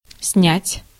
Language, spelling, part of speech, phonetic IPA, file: Russian, снять, verb, [snʲætʲ], Ru-снять.ogg
- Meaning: 1. to take off, to take away, to take down 2. to take, to make 3. to photograph, to film 4. to rent (e.g. an apartment)